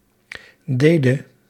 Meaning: singular past subjunctive of doen
- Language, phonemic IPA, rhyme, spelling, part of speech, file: Dutch, /ˈdeːdə/, -eːdə, dede, verb, Nl-dede.ogg